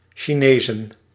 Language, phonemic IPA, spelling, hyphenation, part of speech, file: Dutch, /ʃiˈneːzə(n)/, chinezen, chi‧ne‧zen, verb, Nl-chinezen.ogg
- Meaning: 1. to dine out at a Chinese(-Indonesian) restaurant 2. to chase the dragon, to inhale the vapour from heated heroin